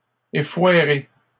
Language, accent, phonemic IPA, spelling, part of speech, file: French, Canada, /e.fwa.ʁe/, effoirée, verb, LL-Q150 (fra)-effoirée.wav
- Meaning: feminine singular of effoiré